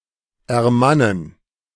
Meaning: to summon courage; to man up
- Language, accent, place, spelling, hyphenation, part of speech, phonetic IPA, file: German, Germany, Berlin, ermannen, er‧man‧nen, verb, [ɛɐ̯ˈmanən], De-ermannen.ogg